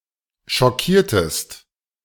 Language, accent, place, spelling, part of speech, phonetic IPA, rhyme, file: German, Germany, Berlin, schockiertest, verb, [ʃɔˈkiːɐ̯təst], -iːɐ̯təst, De-schockiertest.ogg
- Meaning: inflection of schockieren: 1. second-person singular preterite 2. second-person singular subjunctive II